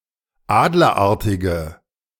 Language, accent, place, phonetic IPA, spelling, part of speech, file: German, Germany, Berlin, [ˈaːdlɐˌʔaʁtɪɡə], adlerartige, adjective, De-adlerartige.ogg
- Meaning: inflection of adlerartig: 1. strong/mixed nominative/accusative feminine singular 2. strong nominative/accusative plural 3. weak nominative all-gender singular